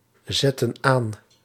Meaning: inflection of aanzetten: 1. plural present/past indicative 2. plural present/past subjunctive
- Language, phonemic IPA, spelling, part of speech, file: Dutch, /ˈzɛtə(n) ˈan/, zetten aan, verb, Nl-zetten aan.ogg